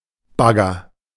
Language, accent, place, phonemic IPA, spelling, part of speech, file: German, Germany, Berlin, /ˈbaɡɐ/, Bagger, noun, De-Bagger.ogg
- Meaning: excavator (vehicle), digger (machinery)